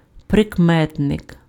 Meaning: adjective (a category of words that modify or describe a noun)
- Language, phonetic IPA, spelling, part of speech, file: Ukrainian, [prekˈmɛtnek], прикметник, noun, Uk-прикметник.ogg